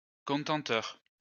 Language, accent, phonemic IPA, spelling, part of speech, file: French, France, /kɔ̃.tɑ̃p.tœʁ/, contempteur, adjective / noun, LL-Q150 (fra)-contempteur.wav
- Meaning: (adjective) contemptuous; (noun) contemner, despiser